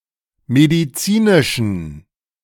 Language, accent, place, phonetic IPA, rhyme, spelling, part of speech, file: German, Germany, Berlin, [mediˈt͡siːnɪʃn̩], -iːnɪʃn̩, medizinischen, adjective, De-medizinischen.ogg
- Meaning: inflection of medizinisch: 1. strong genitive masculine/neuter singular 2. weak/mixed genitive/dative all-gender singular 3. strong/weak/mixed accusative masculine singular 4. strong dative plural